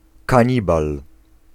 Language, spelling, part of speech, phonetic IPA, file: Polish, kanibal, noun, [kãˈɲibal], Pl-kanibal.ogg